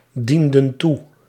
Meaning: inflection of toedienen: 1. plural past indicative 2. plural past subjunctive
- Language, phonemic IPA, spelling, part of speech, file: Dutch, /ˈdində(n) ˈtu/, dienden toe, verb, Nl-dienden toe.ogg